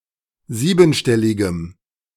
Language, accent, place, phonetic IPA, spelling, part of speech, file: German, Germany, Berlin, [ˈziːbn̩ˌʃtɛlɪɡəm], siebenstelligem, adjective, De-siebenstelligem.ogg
- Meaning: strong dative masculine/neuter singular of siebenstellig